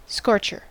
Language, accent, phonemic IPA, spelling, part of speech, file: English, US, /ˈskɔɹ.t͡ʃɚ/, scorcher, noun, En-us-scorcher.ogg
- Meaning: 1. One who, or that which, scorches 2. A very hot day 3. A very good goal, notably made with a very hard shot 4. A caustic rebuke or criticism 5. A bad person